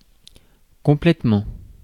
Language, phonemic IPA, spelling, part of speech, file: French, /kɔ̃.plɛt.mɑ̃/, complètement, adverb / noun, Fr-complètement.ogg
- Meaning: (adverb) completely; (noun) completion